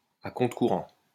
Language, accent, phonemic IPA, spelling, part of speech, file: French, France, /a kɔ̃.tʁə.ku.ʁɑ̃/, à contre-courant, adverb, LL-Q150 (fra)-à contre-courant.wav
- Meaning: 1. upstream 2. against the grain (contrary to what is expected.)